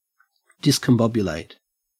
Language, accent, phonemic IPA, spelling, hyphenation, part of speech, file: English, Australia, /ˌdɪs.kəmˈbɒb.jəˌleɪt/, discombobulate, dis‧com‧bob‧u‧late, verb, En-au-discombobulate.ogg
- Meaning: To throw into a state of confusion; to befuddle or perplex